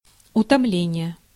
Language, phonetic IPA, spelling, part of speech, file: Russian, [ʊtɐˈmlʲenʲɪje], утомление, noun, Ru-утомление.ogg
- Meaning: fatigue